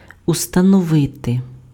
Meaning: 1. to establish, to determine, to fix, to set 2. to establish, to ascertain 3. to install, to mount, to set up
- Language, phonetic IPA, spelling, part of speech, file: Ukrainian, [ʊstɐnɔˈʋɪte], установити, verb, Uk-установити.ogg